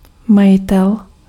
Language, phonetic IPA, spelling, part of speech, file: Czech, [ˈmajɪtɛl], majitel, noun, Cs-majitel.ogg
- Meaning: owner, proprietor